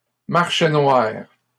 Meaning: black market
- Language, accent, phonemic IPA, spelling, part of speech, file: French, Canada, /maʁ.ʃe nwaʁ/, marché noir, noun, LL-Q150 (fra)-marché noir.wav